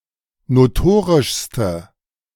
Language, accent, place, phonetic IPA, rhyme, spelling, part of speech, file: German, Germany, Berlin, [noˈtoːʁɪʃstə], -oːʁɪʃstə, notorischste, adjective, De-notorischste.ogg
- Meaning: inflection of notorisch: 1. strong/mixed nominative/accusative feminine singular superlative degree 2. strong nominative/accusative plural superlative degree